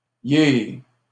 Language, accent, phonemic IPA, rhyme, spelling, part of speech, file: French, Canada, /je/, -e, yé, pronoun / phrase, LL-Q150 (fra)-yé.wav
- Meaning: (pronoun) alternative form of je (representing the Hispanic pronunciation); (phrase) he's, it's: contraction of il + est